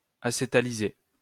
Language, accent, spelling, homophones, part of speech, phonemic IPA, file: French, France, acétaliser, acétalisai / acétalisé / acétalisée / acétalisées / acétalisés / acétalisez, verb, /a.se.ta.li.ze/, LL-Q150 (fra)-acétaliser.wav
- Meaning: to acetalize